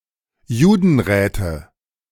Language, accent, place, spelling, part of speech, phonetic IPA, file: German, Germany, Berlin, Judenräte, noun, [ˈjuːdn̩ˌʁɛːtə], De-Judenräte.ogg
- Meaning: nominative/accusative/genitive plural of Judenrat